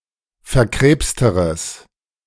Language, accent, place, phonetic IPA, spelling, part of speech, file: German, Germany, Berlin, [fɛɐ̯ˈkʁeːpstəʁəs], verkrebsteres, adjective, De-verkrebsteres.ogg
- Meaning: strong/mixed nominative/accusative neuter singular comparative degree of verkrebst